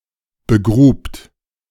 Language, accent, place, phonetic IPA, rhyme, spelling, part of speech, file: German, Germany, Berlin, [bəˈɡʁuːpt], -uːpt, begrubt, verb, De-begrubt.ogg
- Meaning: second-person plural preterite of begraben